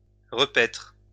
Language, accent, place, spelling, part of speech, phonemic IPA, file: French, France, Lyon, repaitre, verb, /ʁə.pɛtʁ/, LL-Q150 (fra)-repaitre.wav
- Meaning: post-1990 spelling of repaître